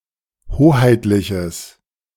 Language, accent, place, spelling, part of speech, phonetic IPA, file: German, Germany, Berlin, hoheitliches, adjective, [ˈhoːhaɪ̯tlɪçəs], De-hoheitliches.ogg
- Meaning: strong/mixed nominative/accusative neuter singular of hoheitlich